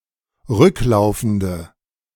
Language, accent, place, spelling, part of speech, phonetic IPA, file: German, Germany, Berlin, rücklaufende, adjective, [ˈʁʏkˌlaʊ̯fn̩də], De-rücklaufende.ogg
- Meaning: inflection of rücklaufend: 1. strong/mixed nominative/accusative feminine singular 2. strong nominative/accusative plural 3. weak nominative all-gender singular